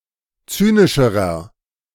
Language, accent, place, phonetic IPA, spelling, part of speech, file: German, Germany, Berlin, [ˈt͡syːnɪʃəʁɐ], zynischerer, adjective, De-zynischerer.ogg
- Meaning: inflection of zynisch: 1. strong/mixed nominative masculine singular comparative degree 2. strong genitive/dative feminine singular comparative degree 3. strong genitive plural comparative degree